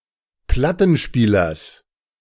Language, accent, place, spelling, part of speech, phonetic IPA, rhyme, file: German, Germany, Berlin, Plattenspielers, noun, [ˈplatn̩ˌʃpiːlɐs], -atn̩ʃpiːlɐs, De-Plattenspielers.ogg
- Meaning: genitive of Plattenspieler